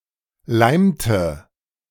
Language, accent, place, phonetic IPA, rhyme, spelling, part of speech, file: German, Germany, Berlin, [ˈlaɪ̯mtə], -aɪ̯mtə, leimte, verb, De-leimte.ogg
- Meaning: inflection of leimen: 1. first/third-person singular preterite 2. first/third-person singular subjunctive II